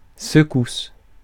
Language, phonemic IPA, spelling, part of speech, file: French, /sə.kus/, secousse, noun, Fr-secousse.ogg
- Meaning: 1. bump, jolt 2. shock, jolt, jerk 3. tremor